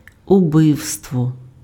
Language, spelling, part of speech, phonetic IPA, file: Ukrainian, убивство, noun, [ʊˈbɪu̯stwɔ], Uk-убивство.ogg
- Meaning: 1. murder 2. homicide, killing